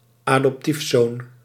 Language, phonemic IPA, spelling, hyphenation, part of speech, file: Dutch, /aː.dɔpˈtifˌsoːn/, adoptiefzoon, adop‧tief‧zoon, noun, Nl-adoptiefzoon.ogg
- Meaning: alternative form of adoptiezoon